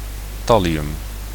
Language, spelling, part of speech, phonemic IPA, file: Dutch, thallium, noun, /ˈtɑliˌjʏm/, Nl-thallium.ogg
- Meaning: thallium